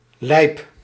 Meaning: 1. foolish, crazy 2. dangerous, risky 3. cool
- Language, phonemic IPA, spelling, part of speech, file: Dutch, /lɛip/, lijp, adjective, Nl-lijp.ogg